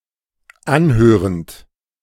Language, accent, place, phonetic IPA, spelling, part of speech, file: German, Germany, Berlin, [ˈanˌhøːʁənt], anhörend, verb, De-anhörend.ogg
- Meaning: present participle of anhören